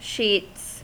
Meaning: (noun) 1. plural of sheet 2. Of rain or other precipitation, a great amount; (verb) third-person singular simple present indicative of sheet
- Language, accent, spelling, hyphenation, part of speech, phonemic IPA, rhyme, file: English, US, sheets, sheets, noun / verb, /ʃits/, -iːts, En-us-sheets.ogg